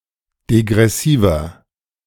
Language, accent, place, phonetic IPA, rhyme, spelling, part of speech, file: German, Germany, Berlin, [deɡʁɛˈsiːvɐ], -iːvɐ, degressiver, adjective, De-degressiver.ogg
- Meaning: 1. comparative degree of degressiv 2. inflection of degressiv: strong/mixed nominative masculine singular 3. inflection of degressiv: strong genitive/dative feminine singular